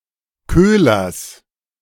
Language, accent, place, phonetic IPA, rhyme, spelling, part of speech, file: German, Germany, Berlin, [ˈkøːlɐs], -øːlɐs, Köhlers, noun, De-Köhlers.ogg
- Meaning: genitive of Köhler